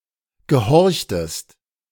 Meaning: inflection of gehorchen: 1. second-person singular preterite 2. second-person singular subjunctive II
- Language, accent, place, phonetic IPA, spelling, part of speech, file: German, Germany, Berlin, [ɡəˈhɔʁçtəst], gehorchtest, verb, De-gehorchtest.ogg